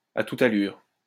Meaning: at full tilt, at top speed, at full throttle, at full pelt
- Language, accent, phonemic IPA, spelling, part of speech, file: French, France, /a tu.t‿a.lyʁ/, à toute allure, adverb, LL-Q150 (fra)-à toute allure.wav